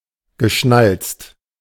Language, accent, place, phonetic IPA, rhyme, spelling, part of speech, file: German, Germany, Berlin, [ɡəˈʃnalt͡st], -alt͡st, geschnalzt, verb, De-geschnalzt.ogg
- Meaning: past participle of schnalzen